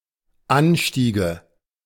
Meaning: nominative/accusative/genitive plural of Anstieg
- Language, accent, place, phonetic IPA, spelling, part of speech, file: German, Germany, Berlin, [ˈanˌʃtiːɡə], Anstiege, noun, De-Anstiege.ogg